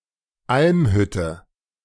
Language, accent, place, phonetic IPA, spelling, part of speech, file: German, Germany, Berlin, [ˈʔalmˌhʏtə], Almhütte, noun, De-Almhütte.ogg
- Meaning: Alpine hut